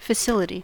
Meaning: The physical means or contrivances to make something (especially a public service) possible; the required equipment, infrastructure, location etc
- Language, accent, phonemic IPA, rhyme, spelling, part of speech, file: English, US, /fəˈsɪlɪti/, -ɪlɪti, facility, noun, En-us-facility.ogg